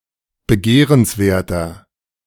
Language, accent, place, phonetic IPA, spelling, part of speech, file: German, Germany, Berlin, [bəˈɡeːʁənsˌveːɐ̯tɐ], begehrenswerter, adjective, De-begehrenswerter.ogg
- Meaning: 1. comparative degree of begehrenswert 2. inflection of begehrenswert: strong/mixed nominative masculine singular 3. inflection of begehrenswert: strong genitive/dative feminine singular